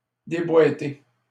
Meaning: post-1990 spelling of déboîter
- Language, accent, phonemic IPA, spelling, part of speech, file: French, Canada, /de.bwa.te/, déboiter, verb, LL-Q150 (fra)-déboiter.wav